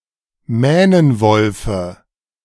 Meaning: dative singular of Mähnenwolf
- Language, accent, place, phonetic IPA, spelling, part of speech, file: German, Germany, Berlin, [ˈmɛːnənvɔlfə], Mähnenwolfe, noun, De-Mähnenwolfe.ogg